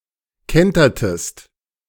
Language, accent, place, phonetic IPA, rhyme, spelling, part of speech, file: German, Germany, Berlin, [ˈkɛntɐtəst], -ɛntɐtəst, kentertest, verb, De-kentertest.ogg
- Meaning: inflection of kentern: 1. second-person singular preterite 2. second-person singular subjunctive II